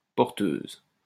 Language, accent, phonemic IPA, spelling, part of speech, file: French, France, /pɔʁ.tøz/, porteuse, noun / adjective, LL-Q150 (fra)-porteuse.wav
- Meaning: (noun) 1. female equivalent of porteur 2. carrier wave; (adjective) feminine singular of porteur